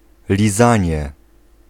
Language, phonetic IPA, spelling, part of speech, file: Polish, [lʲiˈzãɲɛ], lizanie, noun, Pl-lizanie.ogg